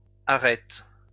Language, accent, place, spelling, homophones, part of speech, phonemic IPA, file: French, France, Lyon, arrêtent, arrête / arrêtes, verb, /a.ʁɛt/, LL-Q150 (fra)-arrêtent.wav
- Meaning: third-person plural present indicative/subjunctive of arrêter